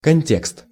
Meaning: context
- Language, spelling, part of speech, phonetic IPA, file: Russian, контекст, noun, [kɐnʲˈtʲekst], Ru-контекст.ogg